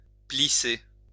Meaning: 1. to squint (the eyes) 2. to fold over, pleat 3. to wrinkle, crease, pucker, screw up 4. to be creased (of clothes etc.), wrinkled (stockings etc.) 5. to crease, wrinkle
- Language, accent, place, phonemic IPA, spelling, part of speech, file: French, France, Lyon, /pli.se/, plisser, verb, LL-Q150 (fra)-plisser.wav